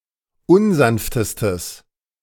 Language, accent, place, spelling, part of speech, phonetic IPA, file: German, Germany, Berlin, unsanftestes, adjective, [ˈʊnˌzanftəstəs], De-unsanftestes.ogg
- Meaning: strong/mixed nominative/accusative neuter singular superlative degree of unsanft